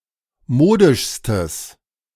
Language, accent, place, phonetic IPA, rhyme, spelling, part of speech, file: German, Germany, Berlin, [ˈmoːdɪʃstəs], -oːdɪʃstəs, modischstes, adjective, De-modischstes.ogg
- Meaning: strong/mixed nominative/accusative neuter singular superlative degree of modisch